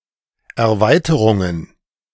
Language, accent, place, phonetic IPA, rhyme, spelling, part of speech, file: German, Germany, Berlin, [ɛɐ̯ˈvaɪ̯təʁʊŋən], -aɪ̯təʁʊŋən, Erweiterungen, noun, De-Erweiterungen.ogg
- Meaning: plural of Erweiterung